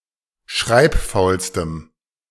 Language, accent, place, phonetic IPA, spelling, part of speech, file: German, Germany, Berlin, [ˈʃʁaɪ̯pˌfaʊ̯lstəm], schreibfaulstem, adjective, De-schreibfaulstem.ogg
- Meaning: strong dative masculine/neuter singular superlative degree of schreibfaul